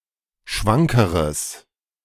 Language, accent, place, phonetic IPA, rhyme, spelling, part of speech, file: German, Germany, Berlin, [ˈʃvaŋkəʁəs], -aŋkəʁəs, schwankeres, adjective, De-schwankeres.ogg
- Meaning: strong/mixed nominative/accusative neuter singular comparative degree of schwank